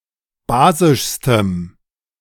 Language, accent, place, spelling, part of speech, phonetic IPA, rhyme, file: German, Germany, Berlin, basischstem, adjective, [ˈbaːzɪʃstəm], -aːzɪʃstəm, De-basischstem.ogg
- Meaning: strong dative masculine/neuter singular superlative degree of basisch